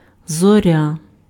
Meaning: 1. star 2. dawn
- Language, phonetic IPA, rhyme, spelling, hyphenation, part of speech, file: Ukrainian, [zɔˈrʲa], -a, зоря, зо‧ря, noun, Uk-зоря.ogg